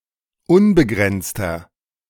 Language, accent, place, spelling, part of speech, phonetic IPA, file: German, Germany, Berlin, unbegrenzter, adjective, [ˈʊnbəˌɡʁɛnt͡stɐ], De-unbegrenzter.ogg
- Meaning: inflection of unbegrenzt: 1. strong/mixed nominative masculine singular 2. strong genitive/dative feminine singular 3. strong genitive plural